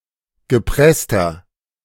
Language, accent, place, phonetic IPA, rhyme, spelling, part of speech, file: German, Germany, Berlin, [ɡəˈpʁɛstɐ], -ɛstɐ, gepresster, adjective, De-gepresster.ogg
- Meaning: inflection of gepresst: 1. strong/mixed nominative masculine singular 2. strong genitive/dative feminine singular 3. strong genitive plural